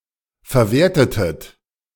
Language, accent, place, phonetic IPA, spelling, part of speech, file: German, Germany, Berlin, [fɛɐ̯ˈveːɐ̯tətət], verwertetet, verb, De-verwertetet.ogg
- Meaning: inflection of verwerten: 1. second-person plural preterite 2. second-person plural subjunctive II